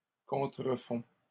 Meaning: third-person plural present indicative of contrefaire
- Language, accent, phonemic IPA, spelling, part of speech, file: French, Canada, /kɔ̃.tʁə.fɔ̃/, contrefont, verb, LL-Q150 (fra)-contrefont.wav